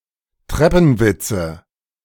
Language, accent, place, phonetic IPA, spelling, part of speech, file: German, Germany, Berlin, [ˈtʁɛpn̩ˌvɪt͡sə], Treppenwitze, noun, De-Treppenwitze.ogg
- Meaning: nominative/accusative/genitive plural of Treppenwitz